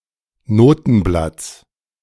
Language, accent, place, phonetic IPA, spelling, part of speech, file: German, Germany, Berlin, [ˈnoːtn̩ˌblat͡s], Notenblatts, noun, De-Notenblatts.ogg
- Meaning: genitive singular of Notenblatt